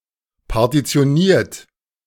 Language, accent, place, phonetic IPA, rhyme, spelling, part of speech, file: German, Germany, Berlin, [paʁtit͡si̯oˈniːɐ̯t], -iːɐ̯t, partitioniert, verb, De-partitioniert.ogg
- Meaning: 1. past participle of partitionieren 2. inflection of partitionieren: third-person singular present 3. inflection of partitionieren: second-person plural present